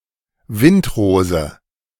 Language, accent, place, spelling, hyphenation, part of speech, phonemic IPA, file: German, Germany, Berlin, Windrose, Wind‧ro‧se, noun, /ˈvɪntˌʁoːzə/, De-Windrose.ogg
- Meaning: 1. compass rose 2. wind rose